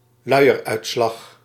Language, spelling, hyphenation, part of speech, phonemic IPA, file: Dutch, luieruitslag, lui‧er‧uit‧slag, noun, /ˈlœy̯.ər.œy̯tˌslɑx/, Nl-luieruitslag.ogg
- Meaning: nappy rash, diaper rash